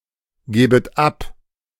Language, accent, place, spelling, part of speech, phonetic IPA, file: German, Germany, Berlin, gebet ab, verb, [ˌɡeːbət ˈap], De-gebet ab.ogg
- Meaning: second-person plural subjunctive I of abgeben